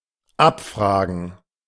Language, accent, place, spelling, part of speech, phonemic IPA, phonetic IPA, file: German, Germany, Berlin, abfragen, verb, /ˈapˌfraːɡən/, [ˈʔapˌfʁaː.ɡŋ̍], De-abfragen.ogg
- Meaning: 1. to inquire about something, to ask for specific information 2. to test someone by asking, to quiz 3. to interrogate (a database), to retrieve (data)